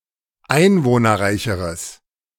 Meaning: strong/mixed nominative/accusative neuter singular comparative degree of einwohnerreich
- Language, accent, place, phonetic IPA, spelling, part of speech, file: German, Germany, Berlin, [ˈaɪ̯nvoːnɐˌʁaɪ̯çəʁəs], einwohnerreicheres, adjective, De-einwohnerreicheres.ogg